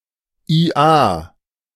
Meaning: hee-haw (cry of an ass or donkey)
- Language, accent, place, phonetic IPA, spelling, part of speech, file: German, Germany, Berlin, [iːˈʔaː], ia, interjection, De-ia.ogg